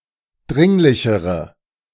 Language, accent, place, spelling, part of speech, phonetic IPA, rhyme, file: German, Germany, Berlin, dringlichere, adjective, [ˈdʁɪŋlɪçəʁə], -ɪŋlɪçəʁə, De-dringlichere.ogg
- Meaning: inflection of dringlich: 1. strong/mixed nominative/accusative feminine singular comparative degree 2. strong nominative/accusative plural comparative degree